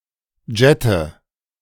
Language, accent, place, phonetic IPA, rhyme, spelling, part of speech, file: German, Germany, Berlin, [ˈd͡ʒɛtə], -ɛtə, jette, verb, De-jette.ogg
- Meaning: inflection of jetten: 1. first-person singular present 2. first/third-person singular subjunctive I 3. singular imperative